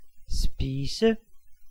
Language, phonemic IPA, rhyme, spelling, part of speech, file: Danish, /spiːsə/, -iːsə, spise, noun / verb, Da-spise.ogg
- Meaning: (noun) 1. food 2. dish; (verb) to eat